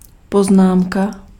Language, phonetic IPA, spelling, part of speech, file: Czech, [ˈpoznaːmka], poznámka, noun, Cs-poznámka.ogg
- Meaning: note, remark, comment